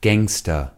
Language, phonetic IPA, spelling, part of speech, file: German, [ˈɡɛŋstɐ], Gangster, noun, De-Gangster.ogg
- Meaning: gangster